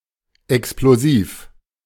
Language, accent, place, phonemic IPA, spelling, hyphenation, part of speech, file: German, Germany, Berlin, /ɛksploˈziːf/, Explosiv, Ex‧plo‧siv, noun, De-Explosiv.ogg
- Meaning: plosive